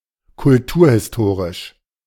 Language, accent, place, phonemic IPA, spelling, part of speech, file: German, Germany, Berlin, /kʊlˈtuːɐ̯hɪsˌtoːʁɪʃ/, kulturhistorisch, adjective, De-kulturhistorisch.ogg
- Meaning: cultural history